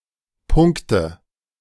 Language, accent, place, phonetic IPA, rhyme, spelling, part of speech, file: German, Germany, Berlin, [ˈpʊŋktə], -ʊŋktə, Punkte, noun, De-Punkte.ogg
- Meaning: nominative/accusative/genitive plural of Punkt